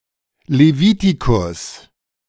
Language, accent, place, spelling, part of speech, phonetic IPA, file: German, Germany, Berlin, Levitikus, noun, [leˈviːtikʊs], De-Levitikus.ogg
- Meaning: Leviticus, Book of Leviticus (book of the Bible)